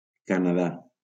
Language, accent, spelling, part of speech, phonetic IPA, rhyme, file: Catalan, Valencia, Canadà, proper noun, [ka.naˈða], -a, LL-Q7026 (cat)-Canadà.wav
- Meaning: Canada (a country in North America)